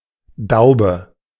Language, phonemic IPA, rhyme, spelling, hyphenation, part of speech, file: German, /ˈdaʊ̯bə/, -aʊ̯bə, Daube, Dau‧be, noun, De-Daube.ogg
- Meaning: stave (of a barrel)